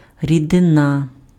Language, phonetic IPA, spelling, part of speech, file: Ukrainian, [rʲideˈna], рідина, noun, Uk-рідина.ogg
- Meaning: liquid